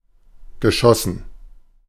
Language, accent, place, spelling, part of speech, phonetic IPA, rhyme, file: German, Germany, Berlin, geschossen, verb, [ɡəˈʃɔsn̩], -ɔsn̩, De-geschossen.ogg
- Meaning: past participle of schießen